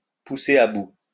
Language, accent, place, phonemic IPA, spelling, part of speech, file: French, France, Lyon, /pu.se.ʁ‿a bu/, pousser à bout, verb, LL-Q150 (fra)-pousser à bout.wav
- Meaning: to push someone to the limit, to push someone to breaking point, to push someone over the edge, to drive someone crazy, to drive someone mad